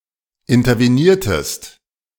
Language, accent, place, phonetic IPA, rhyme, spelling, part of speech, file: German, Germany, Berlin, [ɪntɐveˈniːɐ̯təst], -iːɐ̯təst, interveniertest, verb, De-interveniertest.ogg
- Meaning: inflection of intervenieren: 1. second-person singular preterite 2. second-person singular subjunctive II